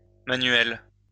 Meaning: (adjective) feminine singular of manuel; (noun) a manual car, a car with manual transmission
- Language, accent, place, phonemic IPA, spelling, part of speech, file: French, France, Lyon, /ma.nɥɛl/, manuelle, adjective / noun, LL-Q150 (fra)-manuelle.wav